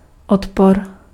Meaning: 1. aversion 2. resistance 3. resistor (electronic component)
- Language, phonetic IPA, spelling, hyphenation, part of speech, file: Czech, [ˈotpor], odpor, od‧por, noun, Cs-odpor.ogg